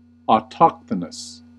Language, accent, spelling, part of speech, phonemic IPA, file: English, US, autochthonous, adjective, /ɔˈtɑkθənəs/, En-us-autochthonous.ogg
- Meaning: 1. Native to the place where found; indigenous 2. Originating where found; found where it originates